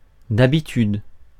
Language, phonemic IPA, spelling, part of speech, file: French, /d‿a.bi.tyd/, d'habitude, adverb / adjective, Fr-d'habitude.ogg
- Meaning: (adverb) usually; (adjective) of habit (who needs habits to function properly); set in one's ways